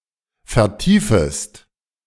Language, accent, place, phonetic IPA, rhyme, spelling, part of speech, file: German, Germany, Berlin, [fɛɐ̯ˈtiːfəst], -iːfəst, vertiefest, verb, De-vertiefest.ogg
- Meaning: second-person singular subjunctive I of vertiefen